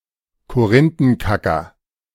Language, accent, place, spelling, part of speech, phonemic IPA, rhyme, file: German, Germany, Berlin, Korinthenkacker, noun, /koˈrɪntənkakɐ/, -akɐ, De-Korinthenkacker.ogg
- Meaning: nitpicker, stickler for detail